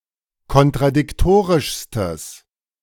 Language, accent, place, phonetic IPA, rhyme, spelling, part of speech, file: German, Germany, Berlin, [kɔntʁadɪkˈtoːʁɪʃstəs], -oːʁɪʃstəs, kontradiktorischstes, adjective, De-kontradiktorischstes.ogg
- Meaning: strong/mixed nominative/accusative neuter singular superlative degree of kontradiktorisch